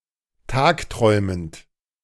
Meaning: present participle of tagträumen
- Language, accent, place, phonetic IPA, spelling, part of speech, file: German, Germany, Berlin, [ˈtaːkˌtʁɔɪ̯mənt], tagträumend, verb, De-tagträumend.ogg